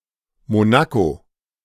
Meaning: Monaco (a city-state in Western Europe)
- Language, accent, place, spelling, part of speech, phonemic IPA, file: German, Germany, Berlin, Monaco, proper noun, /moˈnako/, De-Monaco.ogg